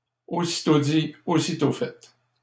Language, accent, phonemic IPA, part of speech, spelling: French, Canada, /o.si.to di | o.si.to fɛ/, phrase, aussitôt dit, aussitôt fait
- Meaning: no sooner said than done